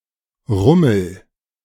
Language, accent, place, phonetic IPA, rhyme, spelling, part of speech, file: German, Germany, Berlin, [ˈʁʊml̩], -ʊml̩, rummel, verb, De-rummel.ogg
- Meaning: inflection of rummeln: 1. first-person singular present 2. singular imperative